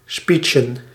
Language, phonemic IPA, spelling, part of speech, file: Dutch, /ˈspitʃə(n)/, speechen, verb / noun, Nl-speechen.ogg
- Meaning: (verb) to hold a speech, to have an address; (noun) plural of speech